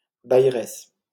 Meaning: female equivalent of bailleur
- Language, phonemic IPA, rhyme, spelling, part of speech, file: French, /baj.ʁɛs/, -ɛs, bailleresse, noun, LL-Q150 (fra)-bailleresse.wav